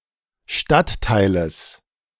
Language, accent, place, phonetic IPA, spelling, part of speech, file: German, Germany, Berlin, [ˈʃtattaɪ̯ləs], Stadtteiles, noun, De-Stadtteiles.ogg
- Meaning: genitive singular of Stadtteil